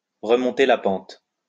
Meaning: to get back on one's feet
- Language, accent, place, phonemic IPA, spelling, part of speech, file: French, France, Lyon, /ʁə.mɔ̃.te la pɑ̃t/, remonter la pente, verb, LL-Q150 (fra)-remonter la pente.wav